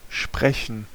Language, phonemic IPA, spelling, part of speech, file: German, /ˈʃprɛçən/, sprechen, verb, De-sprechen.ogg
- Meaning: 1. to speak (some language, the truth, etc.) 2. to speak, to talk, to give a speech 3. to say, to speak (a word, phrase, sentence, prayer, etc.) 4. to have a pronunciation; to be pronounced (some way)